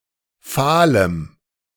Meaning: strong dative masculine/neuter singular of fahl
- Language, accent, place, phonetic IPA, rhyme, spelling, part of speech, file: German, Germany, Berlin, [ˈfaːləm], -aːləm, fahlem, adjective, De-fahlem.ogg